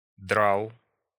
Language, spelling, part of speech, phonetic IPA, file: Russian, драл, verb, [draɫ], Ru-драл.ogg
- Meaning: masculine singular past indicative imperfective of драть (dratʹ)